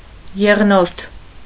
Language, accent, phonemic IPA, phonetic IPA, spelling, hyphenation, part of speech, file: Armenian, Eastern Armenian, /jeʁˈnoɾtʰ/, [jeʁnóɾtʰ], եղնորթ, եղ‧նորթ, noun, Hy-եղնորթ.ogg
- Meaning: young of the deer, fawn